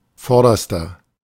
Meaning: inflection of vorderer: 1. strong/mixed nominative masculine singular superlative degree 2. strong genitive/dative feminine singular superlative degree 3. strong genitive plural superlative degree
- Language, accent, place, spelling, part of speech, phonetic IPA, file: German, Germany, Berlin, vorderster, adjective, [ˈfɔʁdɐstɐ], De-vorderster.ogg